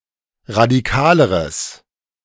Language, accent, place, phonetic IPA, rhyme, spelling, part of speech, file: German, Germany, Berlin, [ʁadiˈkaːləʁəs], -aːləʁəs, radikaleres, adjective, De-radikaleres.ogg
- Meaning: strong/mixed nominative/accusative neuter singular comparative degree of radikal